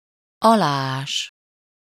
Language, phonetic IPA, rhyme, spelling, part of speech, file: Hungarian, [ˈɒlaːaːʃ], -aːʃ, aláás, verb, Hu-aláás.ogg
- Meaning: 1. to dig underneath, to dig beneath 2. to undermine